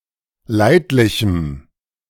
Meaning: strong dative masculine/neuter singular of leidlich
- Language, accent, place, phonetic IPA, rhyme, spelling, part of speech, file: German, Germany, Berlin, [ˈlaɪ̯tlɪçm̩], -aɪ̯tlɪçm̩, leidlichem, adjective, De-leidlichem.ogg